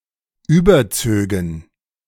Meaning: first-person plural subjunctive II of überziehen
- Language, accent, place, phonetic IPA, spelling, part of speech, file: German, Germany, Berlin, [ˈyːbɐˌt͡søːɡn̩], überzögen, verb, De-überzögen.ogg